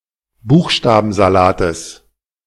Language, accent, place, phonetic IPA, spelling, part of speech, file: German, Germany, Berlin, [ˈbuːxʃtaːbn̩zaˌlaːtəs], Buchstabensalates, noun, De-Buchstabensalates.ogg
- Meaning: genitive of Buchstabensalat